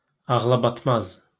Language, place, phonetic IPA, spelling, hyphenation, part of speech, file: Azerbaijani, Baku, [ɑɣɫɑbɑtˈmɑz], ağlabatmaz, ağ‧la‧bat‧maz, adjective, LL-Q9292 (aze)-ağlabatmaz.wav
- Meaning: unbelievable, incredible